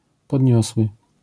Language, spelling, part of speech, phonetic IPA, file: Polish, podniosły, adjective / verb, [pɔdʲˈɲɔswɨ], LL-Q809 (pol)-podniosły.wav